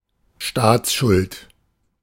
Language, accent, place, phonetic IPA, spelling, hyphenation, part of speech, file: German, Germany, Berlin, [ˈʃtaːt͡sˌʃʊlt], Staatsschuld, Staats‧schuld, noun, De-Staatsschuld.ogg
- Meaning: national debt